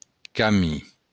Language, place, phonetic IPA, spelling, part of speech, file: Occitan, Béarn, [kaˈmi], camin, noun, LL-Q14185 (oci)-camin.wav
- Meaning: route; way